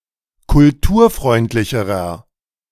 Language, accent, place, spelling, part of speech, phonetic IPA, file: German, Germany, Berlin, kulturfreundlicherer, adjective, [kʊlˈtuːɐ̯ˌfʁɔɪ̯ntlɪçəʁɐ], De-kulturfreundlicherer.ogg
- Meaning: inflection of kulturfreundlich: 1. strong/mixed nominative masculine singular comparative degree 2. strong genitive/dative feminine singular comparative degree